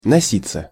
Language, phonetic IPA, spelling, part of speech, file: Russian, [nɐˈsʲit͡sːə], носиться, verb, Ru-носиться.ogg
- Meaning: 1. to rush, to rush around, to run/drive around (on a high speed) 2. to float around, to fly around 3. to fuss over, to pay too much attention to, to be obsessed with (an idea) 4. to spread